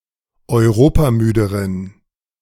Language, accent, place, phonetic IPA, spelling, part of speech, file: German, Germany, Berlin, [ɔɪ̯ˈʁoːpaˌmyːdəʁən], europamüderen, adjective, De-europamüderen.ogg
- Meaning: inflection of europamüde: 1. strong genitive masculine/neuter singular comparative degree 2. weak/mixed genitive/dative all-gender singular comparative degree